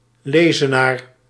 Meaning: lectern, stand for books, especially one in a church
- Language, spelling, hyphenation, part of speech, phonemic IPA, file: Dutch, lezenaar, le‧ze‧naar, noun, /ˈleː.zəˌnaːr/, Nl-lezenaar.ogg